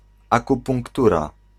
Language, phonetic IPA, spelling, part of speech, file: Polish, [ˌakupũŋkˈtura], akupunktura, noun, Pl-akupunktura.ogg